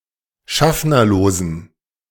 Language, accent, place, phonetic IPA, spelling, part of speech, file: German, Germany, Berlin, [ˈʃafnɐloːzn̩], schaffnerlosen, adjective, De-schaffnerlosen.ogg
- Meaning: inflection of schaffnerlos: 1. strong genitive masculine/neuter singular 2. weak/mixed genitive/dative all-gender singular 3. strong/weak/mixed accusative masculine singular 4. strong dative plural